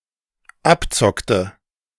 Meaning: inflection of abzocken: 1. first/third-person singular dependent preterite 2. first/third-person singular dependent subjunctive II
- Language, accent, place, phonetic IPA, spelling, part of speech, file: German, Germany, Berlin, [ˈapˌt͡sɔktə], abzockte, verb, De-abzockte.ogg